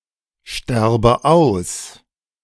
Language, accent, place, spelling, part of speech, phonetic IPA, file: German, Germany, Berlin, sterbe aus, verb, [ˌʃtɛʁbə ˈaʊ̯s], De-sterbe aus.ogg
- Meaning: inflection of aussterben: 1. first-person singular present 2. first/third-person singular subjunctive I